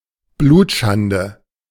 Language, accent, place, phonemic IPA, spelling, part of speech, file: German, Germany, Berlin, /ˈbluːtˌʃandə/, Blutschande, noun, De-Blutschande.ogg
- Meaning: 1. incest 2. sexual relations between people of “Aryan” race and “inferior” races, particularly Jews; miscegenation